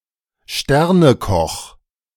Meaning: award-winning chef
- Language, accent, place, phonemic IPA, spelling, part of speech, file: German, Germany, Berlin, /ˈʃtɛʁnəˌkɔx/, Sternekoch, noun, De-Sternekoch.ogg